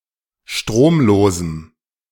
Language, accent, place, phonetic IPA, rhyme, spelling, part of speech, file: German, Germany, Berlin, [ˈʃtʁoːmˌloːzm̩], -oːmloːzm̩, stromlosem, adjective, De-stromlosem.ogg
- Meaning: strong dative masculine/neuter singular of stromlos